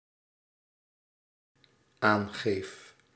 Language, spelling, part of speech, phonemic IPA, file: Dutch, aangeef, verb, /ˈaŋɣef/, Nl-aangeef.ogg
- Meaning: first-person singular dependent-clause present indicative of aangeven